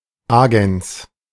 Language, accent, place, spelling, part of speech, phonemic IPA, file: German, Germany, Berlin, Agens, noun, /ˈaːɡɛns/, De-Agens.ogg
- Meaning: 1. agent 2. medium